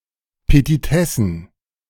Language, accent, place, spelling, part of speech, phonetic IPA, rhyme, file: German, Germany, Berlin, Petitessen, noun, [pətiˈtɛsn̩], -ɛsn̩, De-Petitessen.ogg
- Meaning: plural of Petitesse